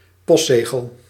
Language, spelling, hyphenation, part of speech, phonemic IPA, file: Dutch, postzegel, post‧ze‧gel, noun, /ˈpɔstˌzeː.ɣəl/, Nl-postzegel.ogg
- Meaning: a stamp, a postage stamp